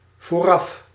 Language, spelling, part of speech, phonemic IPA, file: Dutch, vooraf, adverb, /voˈrɑf/, Nl-vooraf.ogg
- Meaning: beforehand